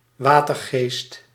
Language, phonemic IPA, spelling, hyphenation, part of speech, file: Dutch, /ˈʋaː.tərˌɣeːst/, watergeest, wa‧ter‧geest, noun, Nl-watergeest.ogg
- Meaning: a water sprite, a nix